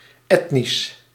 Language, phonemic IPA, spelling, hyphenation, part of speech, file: Dutch, /ˈɛt.nis/, etnisch, et‧nisch, adjective, Nl-etnisch.ogg
- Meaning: ethnic